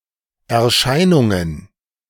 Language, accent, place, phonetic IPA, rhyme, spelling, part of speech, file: German, Germany, Berlin, [ɛɐ̯ˈʃaɪ̯nʊŋən], -aɪ̯nʊŋən, Erscheinungen, noun, De-Erscheinungen.ogg
- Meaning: plural of Erscheinung